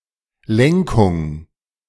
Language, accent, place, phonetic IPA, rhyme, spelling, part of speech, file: German, Germany, Berlin, [ˈlɛŋkʊŋ], -ɛŋkʊŋ, Lenkung, noun, De-Lenkung.ogg
- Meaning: steering